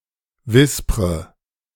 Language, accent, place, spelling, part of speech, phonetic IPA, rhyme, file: German, Germany, Berlin, wispre, verb, [ˈvɪspʁə], -ɪspʁə, De-wispre.ogg
- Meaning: inflection of wispern: 1. first-person singular present 2. first/third-person singular subjunctive I 3. singular imperative